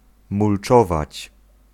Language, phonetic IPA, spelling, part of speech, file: Polish, [mulˈt͡ʃɔvat͡ɕ], mulczować, verb, Pl-mulczować.ogg